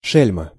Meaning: rascal, rogue, scoundrel
- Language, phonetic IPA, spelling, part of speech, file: Russian, [ˈʂɛlʲmə], шельма, noun, Ru-шельма.ogg